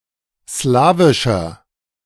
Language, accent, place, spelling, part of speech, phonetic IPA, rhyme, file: German, Germany, Berlin, slawischer, adjective, [ˈslaːvɪʃɐ], -aːvɪʃɐ, De-slawischer.ogg
- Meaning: 1. comparative degree of slawisch 2. inflection of slawisch: strong/mixed nominative masculine singular 3. inflection of slawisch: strong genitive/dative feminine singular